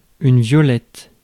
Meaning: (noun) violet (plant); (adjective) feminine singular of violet
- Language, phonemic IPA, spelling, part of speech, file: French, /vjɔ.lɛt/, violette, noun / adjective, Fr-violette.ogg